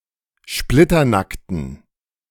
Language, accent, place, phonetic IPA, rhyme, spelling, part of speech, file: German, Germany, Berlin, [ˈʃplɪtɐˌnaktn̩], -aktn̩, splitternackten, adjective, De-splitternackten.ogg
- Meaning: inflection of splitternackt: 1. strong genitive masculine/neuter singular 2. weak/mixed genitive/dative all-gender singular 3. strong/weak/mixed accusative masculine singular 4. strong dative plural